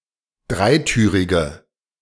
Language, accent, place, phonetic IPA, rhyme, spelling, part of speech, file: German, Germany, Berlin, [ˈdʁaɪ̯ˌtyːʁɪɡə], -aɪ̯tyːʁɪɡə, dreitürige, adjective, De-dreitürige.ogg
- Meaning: inflection of dreitürig: 1. strong/mixed nominative/accusative feminine singular 2. strong nominative/accusative plural 3. weak nominative all-gender singular